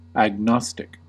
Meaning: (adjective) 1. Doubtful or uncertain about the existence or demonstrability of God or other deity 2. Having no firmly held opinions on something 3. Of or relating to agnosticism or its adherents
- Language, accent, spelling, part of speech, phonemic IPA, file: English, US, agnostic, adjective / noun, /æɡˈnɑstɪk/, En-us-agnostic.ogg